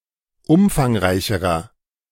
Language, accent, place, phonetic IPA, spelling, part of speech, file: German, Germany, Berlin, [ˈʊmfaŋˌʁaɪ̯çəʁɐ], umfangreicherer, adjective, De-umfangreicherer.ogg
- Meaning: inflection of umfangreich: 1. strong/mixed nominative masculine singular comparative degree 2. strong genitive/dative feminine singular comparative degree 3. strong genitive plural comparative degree